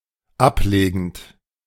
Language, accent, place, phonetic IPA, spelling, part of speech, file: German, Germany, Berlin, [ˈapˌleːɡn̩t], ablegend, verb, De-ablegend.ogg
- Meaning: present participle of ablegen